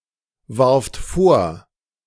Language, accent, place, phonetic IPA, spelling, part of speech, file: German, Germany, Berlin, [ˌvaʁft ˈfoːɐ̯], warft vor, verb, De-warft vor.ogg
- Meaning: second-person plural preterite of vorwerfen